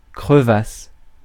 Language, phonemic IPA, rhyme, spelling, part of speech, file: French, /kʁə.vas/, -as, crevasse, noun / verb, Fr-crevasse.ogg
- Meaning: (noun) crevasse; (verb) first-person singular imperfect subjunctive of crever